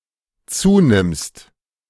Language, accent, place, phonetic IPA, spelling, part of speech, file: German, Germany, Berlin, [ˈt͡suːˌnɪmst], zunimmst, verb, De-zunimmst.ogg
- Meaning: second-person singular dependent present of zunehmen